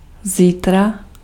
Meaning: tomorrow
- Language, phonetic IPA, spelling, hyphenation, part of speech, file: Czech, [ˈziːtra], zítra, zí‧tra, adverb, Cs-zítra.ogg